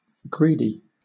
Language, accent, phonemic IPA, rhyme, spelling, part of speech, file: English, Southern England, /ˈɡɹiːdi/, -iːdi, greedy, adjective, LL-Q1860 (eng)-greedy.wav
- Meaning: 1. Having greed; consumed by selfish desires 2. Prone to overeat 3. Tending to match as much text as possible 4. That tries to find the global optimum by finding the local optimum at each stage